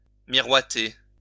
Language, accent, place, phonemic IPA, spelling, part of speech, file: French, France, Lyon, /mi.ʁwa.te/, miroiter, verb, LL-Q150 (fra)-miroiter.wav
- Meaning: to sparkle, gleam